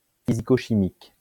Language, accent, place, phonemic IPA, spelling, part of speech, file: French, France, Lyon, /fi.zi.ko.ʃi.mik/, physico-chimique, adjective, LL-Q150 (fra)-physico-chimique.wav
- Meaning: physicochemical